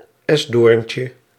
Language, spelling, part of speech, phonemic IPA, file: Dutch, esdoorntje, noun, /ˈɛzdorᵊɲcə/, Nl-esdoorntje.ogg
- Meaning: diminutive of esdoorn